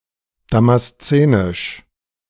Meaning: of Damascus; Damascene
- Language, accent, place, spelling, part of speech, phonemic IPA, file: German, Germany, Berlin, damaszenisch, adjective, /ˌdamasˈt͡seːnɪʃ/, De-damaszenisch.ogg